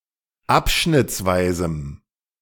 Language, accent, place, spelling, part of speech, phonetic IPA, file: German, Germany, Berlin, abschnittsweisem, adjective, [ˈapʃnɪt͡sˌvaɪ̯zm̩], De-abschnittsweisem.ogg
- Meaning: strong dative masculine/neuter singular of abschnittsweise